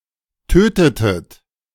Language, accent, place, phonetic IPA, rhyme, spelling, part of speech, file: German, Germany, Berlin, [ˈtøːtətət], -øːtətət, tötetet, verb, De-tötetet.ogg
- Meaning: inflection of töten: 1. second-person plural preterite 2. second-person plural subjunctive II